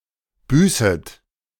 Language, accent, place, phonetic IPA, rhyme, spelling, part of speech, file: German, Germany, Berlin, [ˈbyːsət], -yːsət, büßet, verb, De-büßet.ogg
- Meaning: second-person plural subjunctive I of büßen